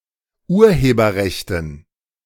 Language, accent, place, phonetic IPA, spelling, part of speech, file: German, Germany, Berlin, [ˈuːɐ̯heːbɐˌʁɛçtn̩], Urheberrechten, noun, De-Urheberrechten.ogg
- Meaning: dative plural of Urheberrecht